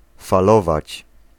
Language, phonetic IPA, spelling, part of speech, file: Polish, [faˈlɔvat͡ɕ], falować, verb, Pl-falować.ogg